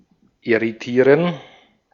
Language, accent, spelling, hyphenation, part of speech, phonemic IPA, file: German, Austria, irritieren, ir‧ri‧tie‧ren, verb, /ɪriˈtiːrən/, De-at-irritieren.ogg
- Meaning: to confuse, disturb, put off, annoy